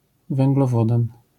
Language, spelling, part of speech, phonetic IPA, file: Polish, węglowodan, noun, [ˌvɛ̃ŋɡlɔˈvɔdãn], LL-Q809 (pol)-węglowodan.wav